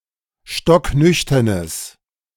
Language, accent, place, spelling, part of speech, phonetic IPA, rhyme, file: German, Germany, Berlin, stocknüchternes, adjective, [ˌʃtɔkˈnʏçtɐnəs], -ʏçtɐnəs, De-stocknüchternes.ogg
- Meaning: strong/mixed nominative/accusative neuter singular of stocknüchtern